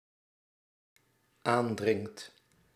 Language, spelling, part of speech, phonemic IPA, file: Dutch, aandringt, verb, /ˈandrɪŋt/, Nl-aandringt.ogg
- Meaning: second/third-person singular dependent-clause present indicative of aandringen